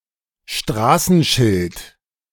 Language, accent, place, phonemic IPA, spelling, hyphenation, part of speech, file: German, Germany, Berlin, /ˈʃtraːsn̩ʃɪlt/, Straßenschild, Stra‧ßen‧schild, noun, De-Straßenschild.ogg
- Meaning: 1. street sign 2. signpost 3. road sign, traffic sign